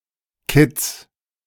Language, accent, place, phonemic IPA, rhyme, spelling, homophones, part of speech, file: German, Germany, Berlin, /kɪt͡s/, -ɪt͡s, Kids, Kitz / Kitts, noun, De-Kids.ogg
- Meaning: 1. genitive singular of Kid 2. plural of Kid